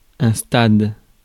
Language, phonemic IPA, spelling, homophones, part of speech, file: French, /stad/, stade, stades, noun, Fr-stade.ogg
- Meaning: 1. stadion (Ancient Greek unit of measurement) 2. stadium (Greek race course) 3. stadium (sports arena) 4. stage 5. stage (phase)